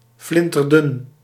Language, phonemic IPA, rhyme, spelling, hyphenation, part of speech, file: Dutch, /ˌflɪn.tərˈdʏn/, -ʏn, flinterdun, flin‧ter‧dun, adjective, Nl-flinterdun.ogg
- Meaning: very thin